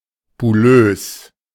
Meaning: bubblelike
- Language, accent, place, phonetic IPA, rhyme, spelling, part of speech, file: German, Germany, Berlin, [bʊˈløːs], -øːs, bullös, adjective, De-bullös.ogg